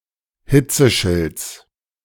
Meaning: genitive singular of Hitzeschild
- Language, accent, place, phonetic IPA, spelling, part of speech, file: German, Germany, Berlin, [ˈhɪt͡səˌʃɪlt͡s], Hitzeschilds, noun, De-Hitzeschilds.ogg